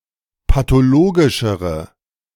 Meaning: inflection of pathologisch: 1. strong/mixed nominative/accusative feminine singular comparative degree 2. strong nominative/accusative plural comparative degree
- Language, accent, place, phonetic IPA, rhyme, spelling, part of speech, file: German, Germany, Berlin, [patoˈloːɡɪʃəʁə], -oːɡɪʃəʁə, pathologischere, adjective, De-pathologischere.ogg